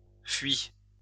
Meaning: past participle of fuir
- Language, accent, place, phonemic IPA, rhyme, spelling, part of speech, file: French, France, Lyon, /fɥi/, -ɥi, fui, verb, LL-Q150 (fra)-fui.wav